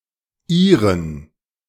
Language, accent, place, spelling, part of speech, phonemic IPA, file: German, Germany, Berlin, -ieren, suffix, /iːrən/, De--ieren.ogg